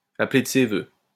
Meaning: to wish, to call for
- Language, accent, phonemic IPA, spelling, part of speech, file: French, France, /a.ple d(ə) se vø/, appeler de ses vœux, verb, LL-Q150 (fra)-appeler de ses vœux.wav